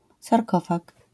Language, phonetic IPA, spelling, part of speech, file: Polish, [sarˈkɔfak], sarkofag, noun, LL-Q809 (pol)-sarkofag.wav